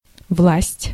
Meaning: 1. to fall (into), to flow (into) 2. to fall (into), to lapse (into), to sink (into) 3. to sink in, to become hollow/sunken
- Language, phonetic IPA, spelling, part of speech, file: Russian, [fpasʲtʲ], впасть, verb, Ru-впасть.ogg